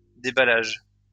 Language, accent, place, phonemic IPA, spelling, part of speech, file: French, France, Lyon, /de.ba.laʒ/, déballage, noun, LL-Q150 (fra)-déballage.wav
- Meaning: unpacking